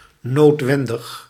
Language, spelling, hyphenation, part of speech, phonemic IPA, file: Dutch, noodwendig, nood‧wen‧dig, adjective, /ˌnoːtˈʋɛn.dəx/, Nl-noodwendig.ogg
- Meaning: 1. inevitable, inescapable 2. necessary